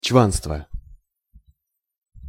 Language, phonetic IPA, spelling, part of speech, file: Russian, [ˈt͡ɕvanstvə], чванство, noun, Ru-чванство.ogg
- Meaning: conceit, peacockery, (false) pride